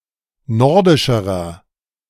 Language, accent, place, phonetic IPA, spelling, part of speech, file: German, Germany, Berlin, [ˈnɔʁdɪʃəʁɐ], nordischerer, adjective, De-nordischerer.ogg
- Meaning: inflection of nordisch: 1. strong/mixed nominative masculine singular comparative degree 2. strong genitive/dative feminine singular comparative degree 3. strong genitive plural comparative degree